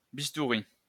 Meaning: bistoury, scalpel, surgical knife
- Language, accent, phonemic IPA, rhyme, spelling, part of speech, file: French, France, /bis.tu.ʁi/, -i, bistouri, noun, LL-Q150 (fra)-bistouri.wav